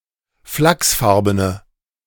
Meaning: inflection of flachsfarben: 1. strong/mixed nominative/accusative feminine singular 2. strong nominative/accusative plural 3. weak nominative all-gender singular
- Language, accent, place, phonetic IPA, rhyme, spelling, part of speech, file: German, Germany, Berlin, [ˈflaksˌfaʁbənə], -aksfaʁbənə, flachsfarbene, adjective, De-flachsfarbene.ogg